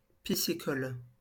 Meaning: piscicultural
- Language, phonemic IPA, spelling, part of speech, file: French, /pi.si.kɔl/, piscicole, adjective, LL-Q150 (fra)-piscicole.wav